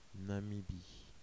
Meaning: Namibia (a country in Southern Africa)
- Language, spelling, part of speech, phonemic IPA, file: French, Namibie, proper noun, /na.mi.bi/, Fr-Namibie.ogg